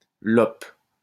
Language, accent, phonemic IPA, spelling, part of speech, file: French, France, /lɔp/, lope, noun, LL-Q150 (fra)-lope.wav
- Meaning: 1. male homosexual 2. cowardly, characterless man